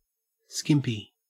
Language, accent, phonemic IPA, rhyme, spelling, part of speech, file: English, Australia, /ˈskɪmpi/, -ɪmpi, skimpy, adjective / noun, En-au-skimpy.ogg
- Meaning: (adjective) 1. Small or inadequate; not generous; diminutive 2. Very small, light, or revealing 3. Wearing skimpy clothing; scantily clad; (noun) A barmaid who wears little clothing